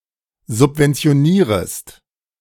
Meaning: second-person singular subjunctive I of subventionieren
- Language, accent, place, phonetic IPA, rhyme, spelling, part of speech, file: German, Germany, Berlin, [zʊpvɛnt͡si̯oˈniːʁəst], -iːʁəst, subventionierest, verb, De-subventionierest.ogg